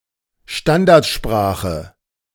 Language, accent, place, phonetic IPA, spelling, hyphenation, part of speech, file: German, Germany, Berlin, [ˈʃtandaʁtˌʃpʁaːχə], Standardsprache, Stan‧dard‧spra‧che, noun, De-Standardsprache.ogg
- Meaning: standard language